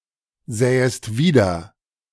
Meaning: second-person singular subjunctive II of wiedersehen
- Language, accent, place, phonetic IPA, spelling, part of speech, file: German, Germany, Berlin, [ˌzɛːəst ˈviːdɐ], sähest wieder, verb, De-sähest wieder.ogg